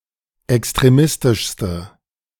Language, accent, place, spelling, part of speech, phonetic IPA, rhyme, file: German, Germany, Berlin, extremistischste, adjective, [ɛkstʁeˈmɪstɪʃstə], -ɪstɪʃstə, De-extremistischste.ogg
- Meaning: inflection of extremistisch: 1. strong/mixed nominative/accusative feminine singular superlative degree 2. strong nominative/accusative plural superlative degree